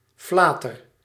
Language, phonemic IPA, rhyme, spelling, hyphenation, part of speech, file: Dutch, /ˈflaː.tər/, -aːtər, flater, fla‧ter, noun, Nl-flater.ogg
- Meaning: 1. a blunder, a blooper, a stupid mistake 2. chatter, banter, chit-chat